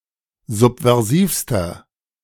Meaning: inflection of subversiv: 1. strong/mixed nominative masculine singular superlative degree 2. strong genitive/dative feminine singular superlative degree 3. strong genitive plural superlative degree
- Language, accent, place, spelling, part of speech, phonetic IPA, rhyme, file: German, Germany, Berlin, subversivster, adjective, [ˌzupvɛʁˈziːfstɐ], -iːfstɐ, De-subversivster.ogg